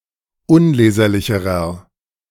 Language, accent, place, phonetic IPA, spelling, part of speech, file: German, Germany, Berlin, [ˈʊnˌleːzɐlɪçəʁɐ], unleserlicherer, adjective, De-unleserlicherer.ogg
- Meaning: inflection of unleserlich: 1. strong/mixed nominative masculine singular comparative degree 2. strong genitive/dative feminine singular comparative degree 3. strong genitive plural comparative degree